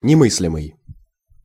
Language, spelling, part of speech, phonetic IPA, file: Russian, немыслимый, adjective, [nʲɪˈmɨs⁽ʲ⁾lʲɪmɨj], Ru-немыслимый.ogg
- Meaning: unthinkable, inconceivable